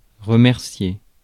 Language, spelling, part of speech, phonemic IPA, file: French, remercier, verb, /ʁə.mɛʁ.sje/, Fr-remercier.ogg
- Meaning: 1. to thank (someone) 2. to fire (an employee)